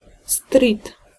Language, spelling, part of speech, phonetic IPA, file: Polish, strit, noun, [strʲit], Pl-strit.ogg